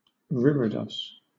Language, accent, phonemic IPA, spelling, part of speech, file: English, Southern England, /ˈɹiə.dɒs/, reredos, noun, LL-Q1860 (eng)-reredos.wav
- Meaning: A screen or decoration behind the altar in a church, usually depicting religious iconography or images, akin to the iconostasis of the Eastern Churches